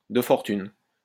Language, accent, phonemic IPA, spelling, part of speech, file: French, France, /də fɔʁ.tyn/, de fortune, adjective, LL-Q150 (fra)-de fortune.wav
- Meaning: makeshift, temporary, jury-rigged